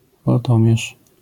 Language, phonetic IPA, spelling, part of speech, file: Polish, [vɔlˈtɔ̃mʲjɛʃ], woltomierz, noun, LL-Q809 (pol)-woltomierz.wav